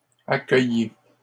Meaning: inflection of accueillir: 1. second-person plural present indicative 2. second-person plural imperative
- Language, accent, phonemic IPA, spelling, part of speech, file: French, Canada, /a.kœ.je/, accueillez, verb, LL-Q150 (fra)-accueillez.wav